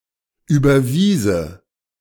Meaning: first/third-person singular subjunctive II of überweisen
- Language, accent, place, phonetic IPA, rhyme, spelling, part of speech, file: German, Germany, Berlin, [ˌyːbɐˈviːzə], -iːzə, überwiese, verb, De-überwiese.ogg